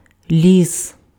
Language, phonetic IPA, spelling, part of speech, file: Ukrainian, [lʲis], ліс, noun, Uk-ліс.ogg
- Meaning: forest, woods